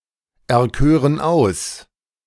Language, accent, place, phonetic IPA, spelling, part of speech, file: German, Germany, Berlin, [ɛɐ̯ˌkøːʁən ˈaʊ̯s], erkören aus, verb, De-erkören aus.ogg
- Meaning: first-person plural subjunctive II of auserkiesen